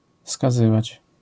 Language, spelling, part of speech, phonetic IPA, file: Polish, skazywać, verb, [skaˈzɨvat͡ɕ], LL-Q809 (pol)-skazywać.wav